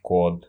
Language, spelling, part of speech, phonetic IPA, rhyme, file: Russian, код, noun, [kot], -ot, Ru-код.ogg
- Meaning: 1. code 2. genitive plural of ко́да (kóda)